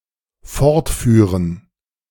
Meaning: 1. to continue 2. to lead away 3. first/third-person plural dependent subjunctive II of fortfahren
- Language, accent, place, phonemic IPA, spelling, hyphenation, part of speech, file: German, Germany, Berlin, /ˈfɔʁtˌfyːʁən/, fortführen, fort‧füh‧ren, verb, De-fortführen.ogg